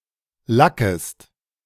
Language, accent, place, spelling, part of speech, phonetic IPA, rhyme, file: German, Germany, Berlin, lackest, verb, [ˈlakəst], -akəst, De-lackest.ogg
- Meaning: second-person singular subjunctive I of lacken